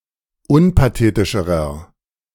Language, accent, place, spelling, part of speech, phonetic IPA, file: German, Germany, Berlin, unpathetischerer, adjective, [ˈʊnpaˌteːtɪʃəʁɐ], De-unpathetischerer.ogg
- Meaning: inflection of unpathetisch: 1. strong/mixed nominative masculine singular comparative degree 2. strong genitive/dative feminine singular comparative degree 3. strong genitive plural comparative degree